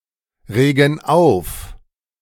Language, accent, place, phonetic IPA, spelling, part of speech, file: German, Germany, Berlin, [ˌʁeːɡn̩ ˈaʊ̯f], regen auf, verb, De-regen auf.ogg
- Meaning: inflection of aufregen: 1. first/third-person plural present 2. first/third-person plural subjunctive I